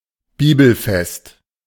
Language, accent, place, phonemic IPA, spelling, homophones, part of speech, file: German, Germany, Berlin, /ˈbiːbl̩ˌfɛst/, bibelfest, Bibelfest, adjective, De-bibelfest.ogg
- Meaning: well-versed in the Bible; who knows their Bible (well)